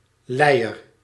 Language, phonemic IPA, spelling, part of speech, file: Dutch, /ˈlɛijər/, lijer, noun, Nl-lijer.ogg
- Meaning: alternative form of lijder